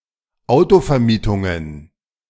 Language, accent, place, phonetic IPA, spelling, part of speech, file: German, Germany, Berlin, [ˈaʊ̯tofɛɐ̯miːtʊŋən], Autovermietungen, noun, De-Autovermietungen.ogg
- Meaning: plural of Autovermietung